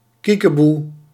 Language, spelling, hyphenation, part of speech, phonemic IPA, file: Dutch, kiekeboe, kie‧ke‧boe, interjection / noun, /ˈki.kəˌbu/, Nl-kiekeboe.ogg
- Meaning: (interjection) peekaboo!; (noun) a peekaboo game